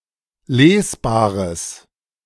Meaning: strong/mixed nominative/accusative neuter singular of lesbar
- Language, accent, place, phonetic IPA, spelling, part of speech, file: German, Germany, Berlin, [ˈleːsˌbaːʁəs], lesbares, adjective, De-lesbares.ogg